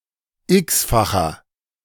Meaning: inflection of x-fach: 1. strong/mixed nominative masculine singular 2. strong genitive/dative feminine singular 3. strong genitive plural
- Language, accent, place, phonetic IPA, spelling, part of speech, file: German, Germany, Berlin, [ˈɪksfaxɐ], x-facher, adjective, De-x-facher.ogg